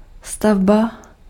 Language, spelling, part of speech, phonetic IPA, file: Czech, stavba, noun, [ˈstavba], Cs-stavba.ogg
- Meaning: 1. building, construction (process) 2. building, structure